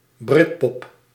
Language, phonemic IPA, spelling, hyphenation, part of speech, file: Dutch, /ˈbrɪt.pɔp/, britpop, brit‧pop, noun, Nl-britpop.ogg
- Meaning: Britpop (British genre of alternative rock)